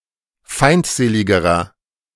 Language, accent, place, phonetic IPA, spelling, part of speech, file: German, Germany, Berlin, [ˈfaɪ̯ntˌzeːlɪɡəʁɐ], feindseligerer, adjective, De-feindseligerer.ogg
- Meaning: inflection of feindselig: 1. strong/mixed nominative masculine singular comparative degree 2. strong genitive/dative feminine singular comparative degree 3. strong genitive plural comparative degree